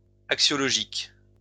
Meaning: axiological
- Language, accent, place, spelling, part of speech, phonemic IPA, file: French, France, Lyon, axiologique, adjective, /ak.sjɔ.lɔ.ʒik/, LL-Q150 (fra)-axiologique.wav